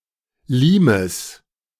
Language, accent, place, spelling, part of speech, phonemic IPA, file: German, Germany, Berlin, Limes, noun, /ˈliːməs/, De-Limes.ogg
- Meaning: 1. limit 2. limes (a boundary or border, especially of the Roman Empire)